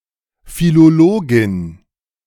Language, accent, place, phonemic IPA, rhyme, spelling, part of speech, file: German, Germany, Berlin, /filoˈloːɡɪn/, -oːɡɪn, Philologin, noun, De-Philologin.ogg
- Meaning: philologist (female)